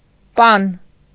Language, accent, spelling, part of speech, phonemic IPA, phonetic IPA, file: Armenian, Eastern Armenian, պան, noun, /pɑn/, [pɑn], Hy-պան.ogg
- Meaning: 1. round loaf, bread 2. honeycomb